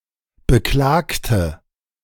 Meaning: inflection of beklagen: 1. first/third-person singular preterite 2. first/third-person singular subjunctive II
- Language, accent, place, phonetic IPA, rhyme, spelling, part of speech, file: German, Germany, Berlin, [bəˈklaːktə], -aːktə, beklagte, adjective / verb, De-beklagte.ogg